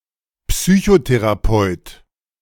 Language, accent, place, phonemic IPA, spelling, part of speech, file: German, Germany, Berlin, /ˈpsyːçoterapɔɪ̯t/, Psychotherapeut, noun, De-Psychotherapeut.ogg
- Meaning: psychotherapist (male or of unspecified gender)